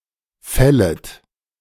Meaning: second-person plural subjunctive I of fällen
- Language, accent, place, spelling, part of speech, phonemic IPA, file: German, Germany, Berlin, fället, verb, /ˈfɛlət/, De-fället.ogg